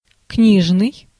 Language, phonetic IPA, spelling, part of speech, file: Russian, [ˈknʲiʐnɨj], книжный, adjective, Ru-книжный.ogg
- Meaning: 1. book 2. literary, bookish (appropriate to literature rather than everyday writing)